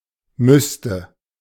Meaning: first/third-person singular subjunctive II of müssen
- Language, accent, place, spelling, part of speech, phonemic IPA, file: German, Germany, Berlin, müsste, verb, /ˈmʏstə/, De-müsste.ogg